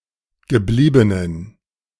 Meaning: inflection of geblieben: 1. strong genitive masculine/neuter singular 2. weak/mixed genitive/dative all-gender singular 3. strong/weak/mixed accusative masculine singular 4. strong dative plural
- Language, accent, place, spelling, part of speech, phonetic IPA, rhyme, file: German, Germany, Berlin, gebliebenen, adjective, [ɡəˈbliːbənən], -iːbənən, De-gebliebenen.ogg